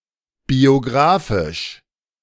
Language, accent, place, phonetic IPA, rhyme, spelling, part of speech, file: German, Germany, Berlin, [bioˈɡʁaːfɪʃ], -aːfɪʃ, biografisch, adjective, De-biografisch.ogg
- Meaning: biographical